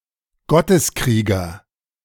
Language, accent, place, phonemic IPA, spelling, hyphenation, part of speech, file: German, Germany, Berlin, /ˈɡɔtəsˌkʁiːɡɐ/, Gotteskrieger, Got‧tes‧krie‧ger, noun, De-Gotteskrieger.ogg
- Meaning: holy warrior